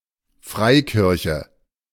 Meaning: free church
- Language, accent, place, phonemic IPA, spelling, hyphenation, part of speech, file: German, Germany, Berlin, /ˈfʁaɪ̯ˌkɪʁçə/, Freikirche, Frei‧kir‧che, noun, De-Freikirche.ogg